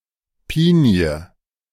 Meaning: stone pine (Pinus pinea, a chiefly Mediterranean tree)
- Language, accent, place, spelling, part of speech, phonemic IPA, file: German, Germany, Berlin, Pinie, noun, /ˈpiːni̯ə/, De-Pinie.ogg